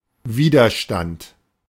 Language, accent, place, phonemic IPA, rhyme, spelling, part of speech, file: German, Germany, Berlin, /ˈviːdɐˌʃtant/, -ant, Widerstand, noun, De-Widerstand.ogg
- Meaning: 1. resistance (act of resisting, or the capacity to resist) 2. resistance (physics: force that tends to oppose motion) 3. resistance (physics: opposition of a body to the flow of current)